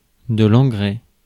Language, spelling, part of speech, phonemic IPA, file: French, engrais, noun, /ɑ̃.ɡʁɛ/, Fr-engrais.ogg
- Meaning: fertilizer